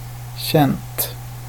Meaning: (adjective) indefinite neuter singular of känd; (verb) supine of känna
- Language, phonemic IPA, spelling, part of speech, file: Swedish, /ˈɕɛnt/, känt, adjective / verb, Sv-känt.ogg